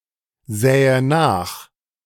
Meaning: first/third-person singular subjunctive II of nachsehen
- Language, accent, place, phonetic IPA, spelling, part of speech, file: German, Germany, Berlin, [ˌzɛːə ˈnaːx], sähe nach, verb, De-sähe nach.ogg